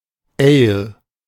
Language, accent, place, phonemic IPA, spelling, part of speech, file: German, Germany, Berlin, /eːl/, Ale, noun, De-Ale.ogg
- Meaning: ale